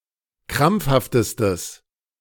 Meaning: strong/mixed nominative/accusative neuter singular superlative degree of krampfhaft
- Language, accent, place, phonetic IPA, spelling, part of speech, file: German, Germany, Berlin, [ˈkʁamp͡fhaftəstəs], krampfhaftestes, adjective, De-krampfhaftestes.ogg